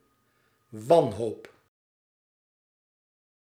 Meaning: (noun) a state of despair, lack of hope; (verb) inflection of wanhopen: 1. first-person singular present indicative 2. second-person singular present indicative 3. imperative
- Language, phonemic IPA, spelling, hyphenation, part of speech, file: Dutch, /ˈʋɑn.ɦoːp/, wanhoop, wan‧hoop, noun / verb, Nl-wanhoop.ogg